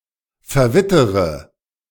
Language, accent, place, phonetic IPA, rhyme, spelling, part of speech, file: German, Germany, Berlin, [fɛɐ̯ˈvɪtəʁə], -ɪtəʁə, verwittere, verb, De-verwittere.ogg
- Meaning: inflection of verwittern: 1. first-person singular present 2. first/third-person singular subjunctive I 3. singular imperative